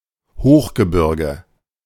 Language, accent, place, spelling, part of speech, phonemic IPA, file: German, Germany, Berlin, Hochgebirge, noun, /ˈhoːxɡəˌbɪʁɡə/, De-Hochgebirge.ogg
- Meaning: high mountains, high mountain, high mountain region